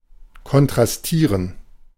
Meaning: to contrast
- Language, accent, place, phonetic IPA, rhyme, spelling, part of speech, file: German, Germany, Berlin, [kɔntʁasˈtiːʁən], -iːʁən, kontrastieren, verb, De-kontrastieren.ogg